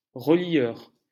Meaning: bookbinder
- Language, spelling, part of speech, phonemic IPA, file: French, relieur, noun, /ʁə.ljœʁ/, LL-Q150 (fra)-relieur.wav